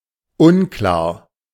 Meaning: unclear
- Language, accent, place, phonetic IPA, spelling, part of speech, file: German, Germany, Berlin, [ˈʊnˌklaːɐ̯], unklar, adjective, De-unklar.ogg